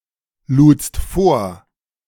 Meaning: second-person singular preterite of vorladen
- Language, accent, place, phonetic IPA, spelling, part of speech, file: German, Germany, Berlin, [ˌluːt͡st ˈfoːɐ̯], ludst vor, verb, De-ludst vor.ogg